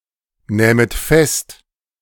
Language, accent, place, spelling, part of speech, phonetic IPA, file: German, Germany, Berlin, nähmet fest, verb, [ˌnɛːmət ˈfɛst], De-nähmet fest.ogg
- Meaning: second-person plural subjunctive II of festnehmen